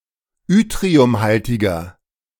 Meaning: 1. comparative degree of yttriumhaltig 2. inflection of yttriumhaltig: strong/mixed nominative masculine singular 3. inflection of yttriumhaltig: strong genitive/dative feminine singular
- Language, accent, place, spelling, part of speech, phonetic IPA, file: German, Germany, Berlin, yttriumhaltiger, adjective, [ˈʏtʁiʊmˌhaltɪɡɐ], De-yttriumhaltiger.ogg